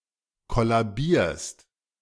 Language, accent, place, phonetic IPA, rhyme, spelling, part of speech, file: German, Germany, Berlin, [ˌkɔlaˈbiːɐ̯st], -iːɐ̯st, kollabierst, verb, De-kollabierst.ogg
- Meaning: second-person singular present of kollabieren